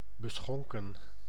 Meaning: drunk, intoxicated
- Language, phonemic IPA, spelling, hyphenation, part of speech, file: Dutch, /bəˈsxɔŋ.kə(n)/, beschonken, be‧schon‧ken, adjective, Nl-beschonken.ogg